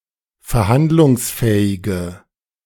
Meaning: inflection of verhandlungsfähig: 1. strong/mixed nominative/accusative feminine singular 2. strong nominative/accusative plural 3. weak nominative all-gender singular
- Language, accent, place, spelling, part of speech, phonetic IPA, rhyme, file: German, Germany, Berlin, verhandlungsfähige, adjective, [fɛɐ̯ˈhandlʊŋsˌfɛːɪɡə], -andlʊŋsfɛːɪɡə, De-verhandlungsfähige.ogg